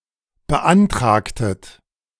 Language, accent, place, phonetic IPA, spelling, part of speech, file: German, Germany, Berlin, [bəˈʔantʁaːktət], beantragtet, verb, De-beantragtet.ogg
- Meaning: inflection of beantragen: 1. second-person plural preterite 2. second-person plural subjunctive II